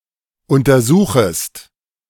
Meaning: second-person singular subjunctive I of untersuchen
- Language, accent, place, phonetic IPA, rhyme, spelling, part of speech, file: German, Germany, Berlin, [ˌʊntɐˈzuːxəst], -uːxəst, untersuchest, verb, De-untersuchest.ogg